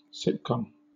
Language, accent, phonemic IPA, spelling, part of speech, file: English, Southern England, /ˈsɪtˌkɒm/, sitcom, noun, LL-Q1860 (eng)-sitcom.wav
- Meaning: 1. Syllabic abbreviation of situation comedy 2. Acronym of single income, two children, oppressive/outrageous mortgage